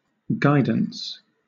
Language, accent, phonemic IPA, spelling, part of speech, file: English, Southern England, /ˈɡaɪdəns/, guidance, noun, LL-Q1860 (eng)-guidance.wav
- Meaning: 1. The act or process of guiding 2. Advice or counselling on some topic 3. Any process or system to control the path of a vehicle, missile etc